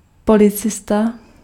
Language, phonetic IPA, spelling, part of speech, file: Czech, [ˈpolɪt͡sɪsta], policista, noun, Cs-policista.ogg
- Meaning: policeman